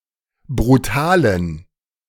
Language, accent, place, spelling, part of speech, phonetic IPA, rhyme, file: German, Germany, Berlin, brutalen, adjective, [bʁuˈtaːlən], -aːlən, De-brutalen.ogg
- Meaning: inflection of brutal: 1. strong genitive masculine/neuter singular 2. weak/mixed genitive/dative all-gender singular 3. strong/weak/mixed accusative masculine singular 4. strong dative plural